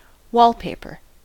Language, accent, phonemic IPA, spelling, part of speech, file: English, US, /ˈwɔːlˌpeɪpə/, wallpaper, noun / verb, En-us-wallpaper.ogg
- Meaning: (noun) 1. Decorative paper-like material used to cover the inner walls of buildings 2. A roll of such paper 3. A style or design of such material